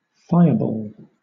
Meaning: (noun) 1. A ball of fire, especially one associated with an explosion, or (fiction, mythology) thrown as a weapon 2. A feisty, strong-willed person
- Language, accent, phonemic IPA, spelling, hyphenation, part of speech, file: English, Southern England, /ˈfaɪəbɔːl/, fireball, fi‧re‧ball, noun / adjective / verb, LL-Q1860 (eng)-fireball.wav